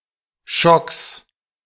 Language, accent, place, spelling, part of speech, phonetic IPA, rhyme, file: German, Germany, Berlin, Schocks, noun, [ʃɔks], -ɔks, De-Schocks.ogg
- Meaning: plural of Schock